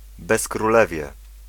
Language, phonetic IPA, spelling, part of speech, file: Polish, [ˌbɛskruˈlɛvʲjɛ], bezkrólewie, noun, Pl-bezkrólewie.ogg